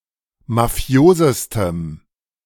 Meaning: strong dative masculine/neuter singular superlative degree of mafios
- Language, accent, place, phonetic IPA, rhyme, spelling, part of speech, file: German, Germany, Berlin, [maˈfi̯oːzəstəm], -oːzəstəm, mafiosestem, adjective, De-mafiosestem.ogg